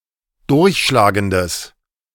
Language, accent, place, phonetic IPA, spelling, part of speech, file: German, Germany, Berlin, [ˈdʊʁçʃlaːɡəndəs], durchschlagendes, adjective, De-durchschlagendes.ogg
- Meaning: strong/mixed nominative/accusative neuter singular of durchschlagend